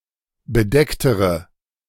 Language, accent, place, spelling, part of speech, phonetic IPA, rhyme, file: German, Germany, Berlin, bedecktere, adjective, [bəˈdɛktəʁə], -ɛktəʁə, De-bedecktere.ogg
- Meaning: inflection of bedeckt: 1. strong/mixed nominative/accusative feminine singular comparative degree 2. strong nominative/accusative plural comparative degree